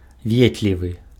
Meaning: kind, nice, kind-hearted
- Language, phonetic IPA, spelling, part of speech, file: Belarusian, [ˈvʲetlʲivɨ], ветлівы, adjective, Be-ветлівы.ogg